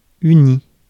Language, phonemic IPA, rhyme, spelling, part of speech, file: French, /y.ni/, -i, uni, verb / adjective / noun, Fr-uni.ogg
- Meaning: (verb) past participle of unir; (adjective) 1. united 2. having only one color, feature, etc; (noun) university